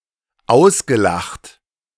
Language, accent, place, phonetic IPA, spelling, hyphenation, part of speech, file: German, Germany, Berlin, [ˈaʊ̯sɡəˌlaxt], ausgelacht, aus‧ge‧lacht, verb, De-ausgelacht.ogg
- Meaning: past participle of auslachen